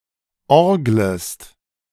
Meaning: second-person singular subjunctive I of orgeln
- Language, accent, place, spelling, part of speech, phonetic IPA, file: German, Germany, Berlin, orglest, verb, [ˈɔʁɡləst], De-orglest.ogg